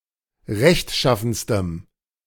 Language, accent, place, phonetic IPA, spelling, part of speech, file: German, Germany, Berlin, [ˈʁɛçtˌʃafn̩stəm], rechtschaffenstem, adjective, De-rechtschaffenstem.ogg
- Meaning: strong dative masculine/neuter singular superlative degree of rechtschaffen